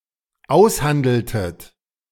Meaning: inflection of aushandeln: 1. second-person plural dependent preterite 2. second-person plural dependent subjunctive II
- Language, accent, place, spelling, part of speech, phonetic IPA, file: German, Germany, Berlin, aushandeltet, verb, [ˈaʊ̯sˌhandl̩tət], De-aushandeltet.ogg